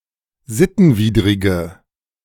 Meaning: inflection of sittenwidrig: 1. strong/mixed nominative/accusative feminine singular 2. strong nominative/accusative plural 3. weak nominative all-gender singular
- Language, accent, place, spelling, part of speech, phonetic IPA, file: German, Germany, Berlin, sittenwidrige, adjective, [ˈzɪtn̩ˌviːdʁɪɡə], De-sittenwidrige.ogg